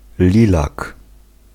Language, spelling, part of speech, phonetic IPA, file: Polish, lilak, noun, [ˈlʲilak], Pl-lilak.ogg